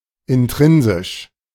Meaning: intrinsic
- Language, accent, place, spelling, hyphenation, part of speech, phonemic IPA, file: German, Germany, Berlin, intrinsisch, in‧t‧rin‧sisch, adjective, /ɪnˈtʁɪnzɪʃ/, De-intrinsisch.ogg